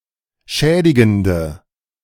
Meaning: inflection of schädigend: 1. strong/mixed nominative/accusative feminine singular 2. strong nominative/accusative plural 3. weak nominative all-gender singular
- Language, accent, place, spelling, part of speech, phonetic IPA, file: German, Germany, Berlin, schädigende, adjective, [ˈʃɛːdɪɡn̩də], De-schädigende.ogg